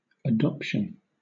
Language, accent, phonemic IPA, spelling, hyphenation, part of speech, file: English, Southern England, /əˈdɒp.ʃən/, adoption, adop‧tion, noun, LL-Q1860 (eng)-adoption.wav
- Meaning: 1. The act of adopting 2. The state of being adopted; the acceptance of a child of other parents as if they were one's own child